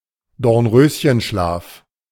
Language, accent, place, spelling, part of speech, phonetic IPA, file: German, Germany, Berlin, Dornröschenschlaf, noun, [dɔʁnˈʁøːsçənˌʃlaːf], De-Dornröschenschlaf.ogg
- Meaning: A period of inactivity, especially where potentials are not being exploited